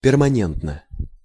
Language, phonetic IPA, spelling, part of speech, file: Russian, [pʲɪrmɐˈnʲentnə], перманентно, adjective, Ru-перманентно.ogg
- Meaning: short neuter singular of пермане́нтный (permanéntnyj)